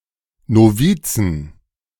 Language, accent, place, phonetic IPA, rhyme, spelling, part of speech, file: German, Germany, Berlin, [noˈviːt͡sn̩], -iːt͡sn̩, Novizen, noun, De-Novizen.ogg
- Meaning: 1. genitive singular of Novize 2. plural of Novize